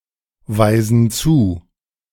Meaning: inflection of zuweisen: 1. first/third-person plural present 2. first/third-person plural subjunctive I
- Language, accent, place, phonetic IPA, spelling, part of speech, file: German, Germany, Berlin, [ˌvaɪ̯zn̩ ˈt͡suː], weisen zu, verb, De-weisen zu.ogg